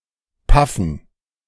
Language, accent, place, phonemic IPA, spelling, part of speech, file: German, Germany, Berlin, /ˈpafən/, paffen, verb, De-paffen.ogg
- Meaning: 1. to puff, to emit smoke (of an oven, a machine) 2. to smoke (of a person) 3. to smoke without inhaling the smoke into the lungs